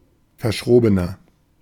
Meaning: 1. comparative degree of verschroben 2. inflection of verschroben: strong/mixed nominative masculine singular 3. inflection of verschroben: strong genitive/dative feminine singular
- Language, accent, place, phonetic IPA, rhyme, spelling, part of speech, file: German, Germany, Berlin, [fɐˈʃʁoːbənɐ], -oːbənɐ, verschrobener, adjective, De-verschrobener.ogg